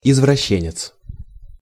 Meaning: pervert
- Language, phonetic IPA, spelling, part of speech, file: Russian, [ɪzvrɐˈɕːenʲɪt͡s], извращенец, noun, Ru-извращенец.ogg